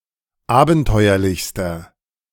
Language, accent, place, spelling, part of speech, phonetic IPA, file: German, Germany, Berlin, abenteuerlichster, adjective, [ˈaːbn̩ˌtɔɪ̯ɐlɪçstɐ], De-abenteuerlichster.ogg
- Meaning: inflection of abenteuerlich: 1. strong/mixed nominative masculine singular superlative degree 2. strong genitive/dative feminine singular superlative degree